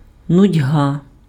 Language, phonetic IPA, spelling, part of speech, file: Ukrainian, [nʊdʲˈɦa], нудьга, noun, Uk-нудьга.ogg
- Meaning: boredom, tedium, tediousness